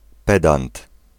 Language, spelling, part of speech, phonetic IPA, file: Polish, pedant, noun, [ˈpɛdãnt], Pl-pedant.ogg